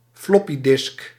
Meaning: floppy disk
- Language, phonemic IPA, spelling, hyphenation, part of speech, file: Dutch, /ˈflɔpiˌdɪsk/, floppydisk, flop‧py‧disk, noun, Nl-floppydisk.ogg